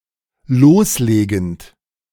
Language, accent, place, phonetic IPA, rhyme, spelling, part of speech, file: German, Germany, Berlin, [ˈloːsˌleːɡn̩t], -oːsleːɡn̩t, loslegend, verb, De-loslegend.ogg
- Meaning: present participle of loslegen